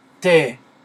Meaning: The name of the Latin script letter T/t
- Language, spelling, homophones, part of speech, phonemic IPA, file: French, té, thé / tes, noun, /te/, Fr-té.ogg